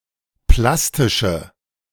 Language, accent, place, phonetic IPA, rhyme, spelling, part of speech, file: German, Germany, Berlin, [ˈplastɪʃə], -astɪʃə, plastische, adjective, De-plastische.ogg
- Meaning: inflection of plastisch: 1. strong/mixed nominative/accusative feminine singular 2. strong nominative/accusative plural 3. weak nominative all-gender singular